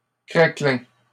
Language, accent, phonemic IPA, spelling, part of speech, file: French, Canada, /kʁa.klɛ̃/, craquelin, noun, LL-Q150 (fra)-craquelin.wav
- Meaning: 1. cracker (biscuit) 2. a type of brioche that is filled with nib sugar